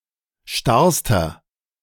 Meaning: inflection of starr: 1. strong/mixed nominative masculine singular superlative degree 2. strong genitive/dative feminine singular superlative degree 3. strong genitive plural superlative degree
- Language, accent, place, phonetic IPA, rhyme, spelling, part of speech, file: German, Germany, Berlin, [ˈʃtaʁstɐ], -aʁstɐ, starrster, adjective, De-starrster.ogg